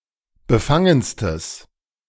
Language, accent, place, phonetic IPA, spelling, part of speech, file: German, Germany, Berlin, [bəˈfaŋənstəs], befangenstes, adjective, De-befangenstes.ogg
- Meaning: strong/mixed nominative/accusative neuter singular superlative degree of befangen